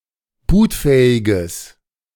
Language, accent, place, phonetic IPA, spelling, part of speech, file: German, Germany, Berlin, [ˈbuːtˌfɛːɪɡəs], bootfähiges, adjective, De-bootfähiges.ogg
- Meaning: strong/mixed nominative/accusative neuter singular of bootfähig